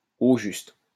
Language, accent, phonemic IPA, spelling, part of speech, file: French, France, /o ʒyst/, au juste, adverb, LL-Q150 (fra)-au juste.wav
- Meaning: exactly, precisely